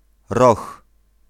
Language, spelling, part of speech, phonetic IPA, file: Polish, Roch, proper noun, [rɔx], Pl-Roch.ogg